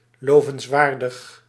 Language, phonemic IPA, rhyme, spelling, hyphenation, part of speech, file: Dutch, /ˌloː.vənsˈʋaːr.dəx/, -aːrdəx, lovenswaardig, lo‧vens‧waar‧dig, adjective, Nl-lovenswaardig.ogg
- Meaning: praiseworthy, commendable